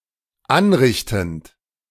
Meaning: present participle of anrichten
- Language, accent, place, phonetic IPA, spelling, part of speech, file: German, Germany, Berlin, [ˈanˌʁɪçtn̩t], anrichtend, verb, De-anrichtend.ogg